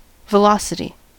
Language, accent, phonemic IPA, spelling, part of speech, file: English, US, /vəˈlɑsəti/, velocity, noun, En-us-velocity.ogg
- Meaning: 1. A vector quantity that denotes the rate of change of position with respect to time, combining speed with a directional component 2. A rapidity of motion 3. The rate of occurrence